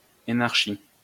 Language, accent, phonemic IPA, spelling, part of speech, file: French, France, /e.naʁ.ʃi/, énarchie, noun, LL-Q150 (fra)-énarchie.wav
- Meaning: government/rule by the énarques (graduates of the École nationale d'administration)